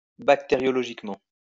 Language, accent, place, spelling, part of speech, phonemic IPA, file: French, France, Lyon, bactériologiquement, adverb, /bak.te.ʁjɔ.lɔ.ʒik.mɑ̃/, LL-Q150 (fra)-bactériologiquement.wav
- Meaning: bacteriologically